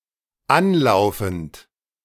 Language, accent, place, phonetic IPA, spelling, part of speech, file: German, Germany, Berlin, [ˈanˌlaʊ̯fn̩t], anlaufend, verb, De-anlaufend.ogg
- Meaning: present participle of anlaufen